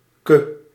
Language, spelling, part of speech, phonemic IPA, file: Dutch, -ke, suffix, /kə/, Nl--ke.ogg
- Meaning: synonym of -tje (“diminutive noun suffix”)